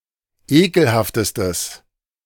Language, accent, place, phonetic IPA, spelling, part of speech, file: German, Germany, Berlin, [ˈeːkl̩haftəstəs], ekelhaftestes, adjective, De-ekelhaftestes.ogg
- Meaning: strong/mixed nominative/accusative neuter singular superlative degree of ekelhaft